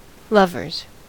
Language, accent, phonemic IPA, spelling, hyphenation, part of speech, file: English, US, /ˈlʌvɚz/, lovers, lov‧ers, noun / adjective, En-us-lovers.ogg
- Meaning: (noun) plural of lover; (adjective) In a romantic or sexual relationship